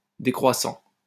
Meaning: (verb) present participle of décroître; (adjective) 1. descending 2. waning (of the moon)
- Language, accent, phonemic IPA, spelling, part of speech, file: French, France, /de.kʁwa.sɑ̃/, décroissant, verb / adjective, LL-Q150 (fra)-décroissant.wav